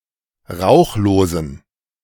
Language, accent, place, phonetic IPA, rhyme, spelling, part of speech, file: German, Germany, Berlin, [ˈʁaʊ̯xloːzn̩], -aʊ̯xloːzn̩, rauchlosen, adjective, De-rauchlosen.ogg
- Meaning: inflection of rauchlos: 1. strong genitive masculine/neuter singular 2. weak/mixed genitive/dative all-gender singular 3. strong/weak/mixed accusative masculine singular 4. strong dative plural